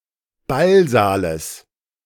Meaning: genitive singular of Ballsaal
- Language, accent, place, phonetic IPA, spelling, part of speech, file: German, Germany, Berlin, [ˈbalˌzaːləs], Ballsaales, noun, De-Ballsaales.ogg